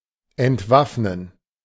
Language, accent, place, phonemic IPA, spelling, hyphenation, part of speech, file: German, Germany, Berlin, /ʔɛntˈvafnən/, entwaffnen, ent‧waff‧nen, verb, De-entwaffnen.ogg
- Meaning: to disarm